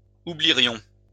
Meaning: first-person plural conditional of oublier
- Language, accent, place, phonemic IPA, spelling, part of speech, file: French, France, Lyon, /u.bli.ʁjɔ̃/, oublierions, verb, LL-Q150 (fra)-oublierions.wav